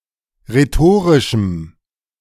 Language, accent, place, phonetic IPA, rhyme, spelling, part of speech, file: German, Germany, Berlin, [ʁeˈtoːʁɪʃm̩], -oːʁɪʃm̩, rhetorischem, adjective, De-rhetorischem.ogg
- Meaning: strong dative masculine/neuter singular of rhetorisch